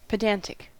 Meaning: 1. Being overly concerned with formal rules and trivial points of learning, like a pedant 2. Tending to show off one’s knowledge, often in a tiresome manner
- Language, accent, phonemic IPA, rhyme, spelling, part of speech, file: English, US, /pəˈdæn.tɪk/, -æntɪk, pedantic, adjective, En-us-pedantic.ogg